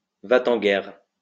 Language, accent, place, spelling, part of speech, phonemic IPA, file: French, France, Lyon, va-t-en-guerre, adjective / noun, /va.t‿ɑ̃ ɡɛʁ/, LL-Q150 (fra)-va-t-en-guerre.wav
- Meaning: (adjective) hawkish, bellicose; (noun) hawk, warmonger